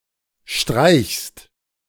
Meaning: second-person singular present of streichen
- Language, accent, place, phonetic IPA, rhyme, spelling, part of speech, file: German, Germany, Berlin, [ʃtʁaɪ̯çst], -aɪ̯çst, streichst, verb, De-streichst.ogg